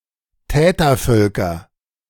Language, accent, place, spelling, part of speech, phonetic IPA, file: German, Germany, Berlin, Tätervölker, noun, [ˈtɛːtɐˌfœlkɐ], De-Tätervölker.ogg
- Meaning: nominative/accusative/genitive plural of Tätervolk